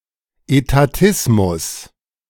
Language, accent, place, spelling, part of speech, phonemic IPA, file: German, Germany, Berlin, Etatismus, noun, /etaˈtɪsmʊs/, De-Etatismus.ogg
- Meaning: statism, etatism